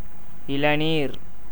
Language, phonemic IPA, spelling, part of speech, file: Tamil, /ɪɭɐniːɾ/, இளநீர், noun, Ta-இளநீர்.ogg
- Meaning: 1. tender coconut 2. coconut water